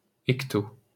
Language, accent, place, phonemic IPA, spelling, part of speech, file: French, France, Paris, /ɛk.to/, hecto-, prefix, LL-Q150 (fra)-hecto-.wav
- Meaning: hecto-